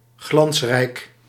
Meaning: 1. fantastic, brilliant, with flying colours 2. shining, resplendent
- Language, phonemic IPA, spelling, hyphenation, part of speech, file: Dutch, /ˈɣlɑns.rɛi̯k/, glansrijk, glans‧rijk, adjective, Nl-glansrijk.ogg